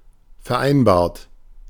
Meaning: 1. past participle of vereinbaren 2. inflection of vereinbaren: third-person singular present 3. inflection of vereinbaren: second-person plural present 4. inflection of vereinbaren: plural imperative
- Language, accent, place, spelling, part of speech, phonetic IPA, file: German, Germany, Berlin, vereinbart, verb, [fɛɐ̯ˈʔaɪ̯nbaːɐ̯t], De-vereinbart.ogg